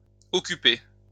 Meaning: feminine singular of occupé
- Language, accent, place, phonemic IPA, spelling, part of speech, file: French, France, Lyon, /ɔ.ky.pe/, occupée, verb, LL-Q150 (fra)-occupée.wav